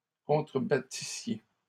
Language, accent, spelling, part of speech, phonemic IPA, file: French, Canada, contrebattissiez, verb, /kɔ̃.tʁə.ba.ti.sje/, LL-Q150 (fra)-contrebattissiez.wav
- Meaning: second-person plural imperfect subjunctive of contrebattre